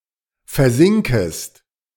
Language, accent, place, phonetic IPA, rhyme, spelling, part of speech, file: German, Germany, Berlin, [fɛɐ̯ˈzɪŋkəst], -ɪŋkəst, versinkest, verb, De-versinkest.ogg
- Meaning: second-person singular subjunctive I of versinken